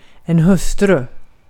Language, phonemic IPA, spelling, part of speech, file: Swedish, /hɵ̄sːtrʉ̂ː/, hustru, noun, Sv-hustru.ogg
- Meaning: a wife (of a certain man)